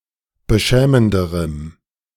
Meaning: strong dative masculine/neuter singular comparative degree of beschämend
- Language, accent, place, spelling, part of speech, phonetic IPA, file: German, Germany, Berlin, beschämenderem, adjective, [bəˈʃɛːməndəʁəm], De-beschämenderem.ogg